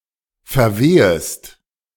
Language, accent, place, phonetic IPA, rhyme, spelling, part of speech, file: German, Germany, Berlin, [fɛɐ̯ˈveːəst], -eːəst, verwehest, verb, De-verwehest.ogg
- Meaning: second-person singular subjunctive I of verwehen